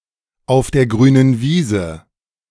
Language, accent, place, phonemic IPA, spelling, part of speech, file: German, Germany, Berlin, /aʊ̯f deːɐ̯ ɡʁyːnən ˈviːzə/, auf der grünen Wiese, adjective, De-auf der grünen Wiese.ogg
- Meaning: on a greenfield site